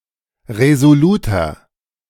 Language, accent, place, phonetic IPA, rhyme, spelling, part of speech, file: German, Germany, Berlin, [ʁezoˈluːtɐ], -uːtɐ, resoluter, adjective, De-resoluter.ogg
- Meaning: 1. comparative degree of resolut 2. inflection of resolut: strong/mixed nominative masculine singular 3. inflection of resolut: strong genitive/dative feminine singular